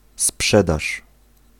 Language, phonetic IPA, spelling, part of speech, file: Polish, [ˈspʃɛdaʃ], sprzedaż, noun, Pl-sprzedaż.ogg